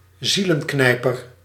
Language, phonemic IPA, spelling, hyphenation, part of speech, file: Dutch, /ˈzi.lə(n)ˌknɛi̯.pər/, zielenknijper, zie‧len‧knij‧per, noun, Nl-zielenknijper.ogg
- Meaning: shrink, head-shrinker